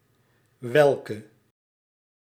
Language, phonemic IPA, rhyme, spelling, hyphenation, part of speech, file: Dutch, /ˈʋɛlkə/, -ɛlkə, welke, wel‧ke, determiner / pronoun, Nl-welke.ogg
- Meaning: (determiner) inflection of welk: 1. masculine/feminine singular attributive 2. definite neuter singular attributive 3. plural attributive; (pronoun) nominative masculine/feminine/plural of welk; which